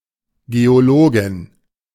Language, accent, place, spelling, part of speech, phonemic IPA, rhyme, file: German, Germany, Berlin, Geologin, noun, /ˌɡeoˈloːɡɪn/, -oːɡɪn, De-Geologin.ogg
- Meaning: geologist